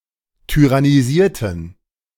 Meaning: inflection of tyrannisieren: 1. first/third-person plural preterite 2. first/third-person plural subjunctive II
- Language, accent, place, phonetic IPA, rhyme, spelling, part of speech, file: German, Germany, Berlin, [tyʁaniˈziːɐ̯tn̩], -iːɐ̯tn̩, tyrannisierten, adjective / verb, De-tyrannisierten.ogg